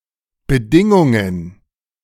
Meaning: plural of Bedingung
- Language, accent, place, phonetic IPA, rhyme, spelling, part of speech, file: German, Germany, Berlin, [bəˈdɪŋʊŋən], -ɪŋʊŋən, Bedingungen, noun, De-Bedingungen.ogg